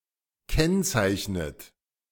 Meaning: inflection of kennzeichnen: 1. third-person singular present 2. second-person plural present 3. second-person plural subjunctive I 4. plural imperative
- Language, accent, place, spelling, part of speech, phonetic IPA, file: German, Germany, Berlin, kennzeichnet, verb, [ˈkɛnt͡saɪ̯çnət], De-kennzeichnet.ogg